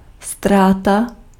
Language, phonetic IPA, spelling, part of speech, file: Czech, [ˈstraːta], ztráta, noun, Cs-ztráta.ogg
- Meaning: loss